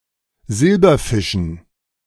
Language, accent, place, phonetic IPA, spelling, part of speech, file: German, Germany, Berlin, [ˈzɪlbɐˌfɪʃn̩], Silberfischen, noun, De-Silberfischen.ogg
- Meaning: dative plural of Silberfisch